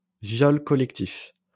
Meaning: gang rape
- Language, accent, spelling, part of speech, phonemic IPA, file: French, France, viol collectif, noun, /vjɔl kɔ.lɛk.tif/, LL-Q150 (fra)-viol collectif.wav